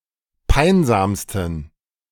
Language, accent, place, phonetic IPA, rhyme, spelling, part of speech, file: German, Germany, Berlin, [ˈpaɪ̯nzaːmstn̩], -aɪ̯nzaːmstn̩, peinsamsten, adjective, De-peinsamsten.ogg
- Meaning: 1. superlative degree of peinsam 2. inflection of peinsam: strong genitive masculine/neuter singular superlative degree